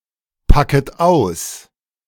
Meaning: second-person plural subjunctive I of auspacken
- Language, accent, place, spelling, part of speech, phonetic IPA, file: German, Germany, Berlin, packet aus, verb, [ˌpakət ˈaʊ̯s], De-packet aus.ogg